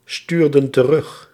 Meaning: inflection of terugsturen: 1. plural past indicative 2. plural past subjunctive
- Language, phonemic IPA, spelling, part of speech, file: Dutch, /ˈstyrdə(n) t(ə)ˈrʏx/, stuurden terug, verb, Nl-stuurden terug.ogg